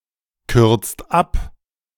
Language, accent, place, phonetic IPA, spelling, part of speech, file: German, Germany, Berlin, [ˌkʏʁt͡st ˈap], kürzt ab, verb, De-kürzt ab.ogg
- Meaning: inflection of abkürzen: 1. second/third-person singular present 2. second-person plural present 3. plural imperative